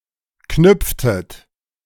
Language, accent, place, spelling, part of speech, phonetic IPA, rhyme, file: German, Germany, Berlin, knüpftet, verb, [ˈknʏp͡ftət], -ʏp͡ftət, De-knüpftet.ogg
- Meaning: inflection of knüpfen: 1. second-person plural preterite 2. second-person plural subjunctive II